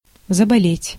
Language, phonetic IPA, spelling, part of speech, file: Russian, [zəbɐˈlʲetʲ], заболеть, verb, Ru-заболеть.ogg
- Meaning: 1. to fall ill (to become ill) 2. to begin to hurt, to become hurt (of a body part)